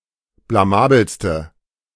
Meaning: inflection of blamabel: 1. strong/mixed nominative/accusative feminine singular superlative degree 2. strong nominative/accusative plural superlative degree
- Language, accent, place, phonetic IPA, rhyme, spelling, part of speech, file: German, Germany, Berlin, [blaˈmaːbl̩stə], -aːbl̩stə, blamabelste, adjective, De-blamabelste.ogg